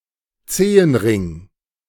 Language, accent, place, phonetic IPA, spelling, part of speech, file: German, Germany, Berlin, [ˈt͡seːənˌʁɪŋ], Zehenring, noun, De-Zehenring.ogg
- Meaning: toe ring